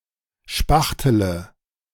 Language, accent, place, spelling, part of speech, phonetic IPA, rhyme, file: German, Germany, Berlin, spachtele, verb, [ˈʃpaxtələ], -axtələ, De-spachtele.ogg
- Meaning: inflection of spachteln: 1. first-person singular present 2. first-person plural subjunctive I 3. third-person singular subjunctive I 4. singular imperative